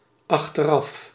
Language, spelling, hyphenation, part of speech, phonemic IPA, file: Dutch, achteraf, ach‧ter‧af, adverb, /ˌɑx.tərˈɑf/, Nl-achteraf.ogg
- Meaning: 1. afterwards, in hindsight 2. remote